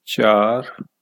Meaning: four
- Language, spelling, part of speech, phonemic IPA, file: Punjabi, ਚਾਰ, numeral, /t͡ʃaːɾə̆/, Pa-ਚਾਰ.ogg